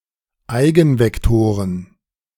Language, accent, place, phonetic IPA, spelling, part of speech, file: German, Germany, Berlin, [ˈaɪ̯ɡn̩vɛkˌtoːʁən], Eigenvektoren, noun, De-Eigenvektoren.ogg
- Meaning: plural of Eigenvektor